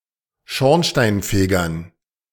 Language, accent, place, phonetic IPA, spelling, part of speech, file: German, Germany, Berlin, [ˈʃɔʁnʃtaɪ̯nˌfeːɡɐn], Schornsteinfegern, noun, De-Schornsteinfegern.ogg
- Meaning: dative plural of Schornsteinfeger